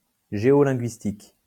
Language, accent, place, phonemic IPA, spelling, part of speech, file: French, France, Lyon, /ʒe.ɔ.lɛ̃.ɡɥis.tik/, géolinguistique, adjective, LL-Q150 (fra)-géolinguistique.wav
- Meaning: geolinguistic